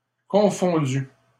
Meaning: masculine plural of confondu
- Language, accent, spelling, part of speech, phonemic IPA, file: French, Canada, confondus, verb, /kɔ̃.fɔ̃.dy/, LL-Q150 (fra)-confondus.wav